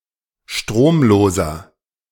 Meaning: inflection of stromlos: 1. strong/mixed nominative masculine singular 2. strong genitive/dative feminine singular 3. strong genitive plural
- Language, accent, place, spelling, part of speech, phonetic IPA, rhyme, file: German, Germany, Berlin, stromloser, adjective, [ˈʃtʁoːmˌloːzɐ], -oːmloːzɐ, De-stromloser.ogg